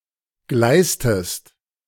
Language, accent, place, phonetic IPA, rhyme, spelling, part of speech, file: German, Germany, Berlin, [ˈɡlaɪ̯stəst], -aɪ̯stəst, gleißtest, verb, De-gleißtest.ogg
- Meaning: inflection of gleißen: 1. second-person singular preterite 2. second-person singular subjunctive II